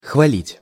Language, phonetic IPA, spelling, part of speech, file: Russian, [xvɐˈlʲitʲ], хвалить, verb, Ru-хвалить.ogg
- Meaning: to compliment, to praise